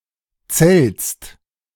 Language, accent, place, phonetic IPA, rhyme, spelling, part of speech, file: German, Germany, Berlin, [t͡sɛlt͡s], -ɛlt͡s, Zelts, noun, De-Zelts.ogg
- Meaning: genitive singular of Zelt